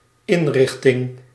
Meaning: 1. arrangement, makeup 2. institution (e.g. psychiatric)
- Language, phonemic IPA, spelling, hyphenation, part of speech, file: Dutch, /ˈɪnˌrɪx.tɪŋ/, inrichting, in‧rich‧ting, noun, Nl-inrichting.ogg